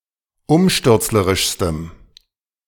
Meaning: strong dative masculine/neuter singular superlative degree of umstürzlerisch
- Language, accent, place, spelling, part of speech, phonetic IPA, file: German, Germany, Berlin, umstürzlerischstem, adjective, [ˈʊmʃtʏʁt͡sləʁɪʃstəm], De-umstürzlerischstem.ogg